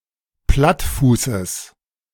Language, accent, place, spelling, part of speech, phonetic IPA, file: German, Germany, Berlin, Plattfußes, noun, [ˈplatˌfuːsəs], De-Plattfußes.ogg
- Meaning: genitive singular of Plattfuß